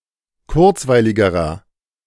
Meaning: inflection of kurzweilig: 1. strong/mixed nominative masculine singular comparative degree 2. strong genitive/dative feminine singular comparative degree 3. strong genitive plural comparative degree
- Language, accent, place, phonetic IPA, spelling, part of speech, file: German, Germany, Berlin, [ˈkʊʁt͡svaɪ̯lɪɡəʁɐ], kurzweiligerer, adjective, De-kurzweiligerer.ogg